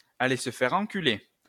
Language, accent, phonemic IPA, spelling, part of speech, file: French, France, /a.le s(ə) fɛʁ ɑ̃.ky.le/, aller se faire enculer, verb, LL-Q150 (fra)-aller se faire enculer.wav
- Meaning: to go fuck oneself. (Usually used in the imperative form.)